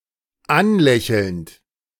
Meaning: present participle of anlächeln
- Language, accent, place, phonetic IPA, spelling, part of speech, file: German, Germany, Berlin, [ˈanˌlɛçl̩nt], anlächelnd, verb, De-anlächelnd.ogg